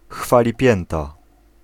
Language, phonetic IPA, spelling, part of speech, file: Polish, [ˌxfalʲiˈpʲjɛ̃nta], chwalipięta, noun, Pl-chwalipięta.ogg